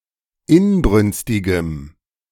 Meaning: strong dative masculine/neuter singular of inbrünstig
- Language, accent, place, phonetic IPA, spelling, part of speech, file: German, Germany, Berlin, [ˈɪnˌbʁʏnstɪɡəm], inbrünstigem, adjective, De-inbrünstigem.ogg